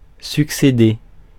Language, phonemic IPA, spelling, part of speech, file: French, /syk.se.de/, succéder, verb, Fr-succéder.ogg
- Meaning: 1. to succeed (to follow in order) 2. to inherit by right of kinship